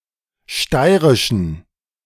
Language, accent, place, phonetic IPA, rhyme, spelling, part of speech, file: German, Germany, Berlin, [ˈʃtaɪ̯ʁɪʃn̩], -aɪ̯ʁɪʃn̩, steirischen, adjective, De-steirischen.ogg
- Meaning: inflection of steirisch: 1. strong genitive masculine/neuter singular 2. weak/mixed genitive/dative all-gender singular 3. strong/weak/mixed accusative masculine singular 4. strong dative plural